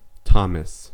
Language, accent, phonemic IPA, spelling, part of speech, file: English, US, /ˈtɑ.məs/, Thomas, noun / proper noun, En-us-Thomas.ogg
- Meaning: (noun) An infidel or doubter; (proper noun) 1. An Apostle, best remembered for doubting the resurrection of Jesus 2. A male given name from Aramaic of biblical origin, popular since the 13th century